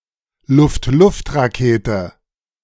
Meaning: air-to-air missile
- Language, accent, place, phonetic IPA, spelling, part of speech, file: German, Germany, Berlin, [ˈlʊftˈlʊftʁaˌkeːtə], Luft-Luft-Rakete, noun, De-Luft-Luft-Rakete.ogg